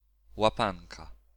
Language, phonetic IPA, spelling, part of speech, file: Polish, [waˈpãnka], łapanka, noun, Pl-łapanka.ogg